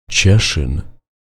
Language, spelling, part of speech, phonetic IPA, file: Polish, Cieszyn, proper noun, [ˈt͡ɕɛʃɨ̃n], Pl-Cieszyn.ogg